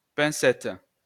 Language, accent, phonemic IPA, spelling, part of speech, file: French, France, /pɛ̃.sɛt/, pincette, noun, LL-Q150 (fra)-pincette.wav
- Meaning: 1. tongs (for fire) 2. tweezers